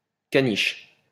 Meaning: poodle (dog)
- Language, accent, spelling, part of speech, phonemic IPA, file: French, France, caniche, noun, /ka.niʃ/, LL-Q150 (fra)-caniche.wav